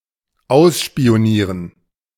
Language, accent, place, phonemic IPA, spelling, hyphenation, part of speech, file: German, Germany, Berlin, /ˈaʊ̯sʃpi̯oˌniːʁən/, ausspionieren, aus‧spi‧o‧nie‧ren, verb, De-ausspionieren.ogg
- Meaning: to spy on